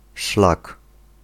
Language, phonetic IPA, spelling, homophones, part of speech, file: Polish, [ʃlak], szlak, szlag, noun, Pl-szlak.ogg